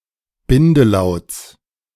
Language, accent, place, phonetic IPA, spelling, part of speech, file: German, Germany, Berlin, [ˈbɪndəˌlaʊ̯t͡s], Bindelauts, noun, De-Bindelauts.ogg
- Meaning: genitive singular of Bindelaut